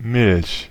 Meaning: 1. milk (white liquid produced by female mammals for their young to consume) 2. milk (white or whitish liquid that is exuded by certain plants)
- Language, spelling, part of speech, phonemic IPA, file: German, Milch, noun, /mɪlç/, De-Milch.ogg